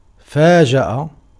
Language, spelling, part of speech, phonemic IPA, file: Arabic, فاجأ, verb, /faː.d͡ʒa.ʔa/, Ar-فاجأ.ogg
- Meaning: to overtake, to descend upon or confront unexpectedly, to ambush; to surprise